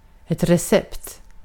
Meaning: 1. a recipe 2. a prescription
- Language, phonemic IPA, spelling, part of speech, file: Swedish, /rɛsɛpt/, recept, noun, Sv-recept.ogg